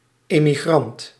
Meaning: emigrant
- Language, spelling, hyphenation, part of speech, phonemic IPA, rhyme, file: Dutch, emigrant, emi‧grant, noun, /ˌeː.miˈɣrɑnt/, -ɑnt, Nl-emigrant.ogg